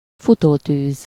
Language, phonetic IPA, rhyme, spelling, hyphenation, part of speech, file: Hungarian, [ˈfutoːtyːz], -yːz, futótűz, fu‧tó‧tűz, noun, Hu-futótűz.ogg
- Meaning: wildfire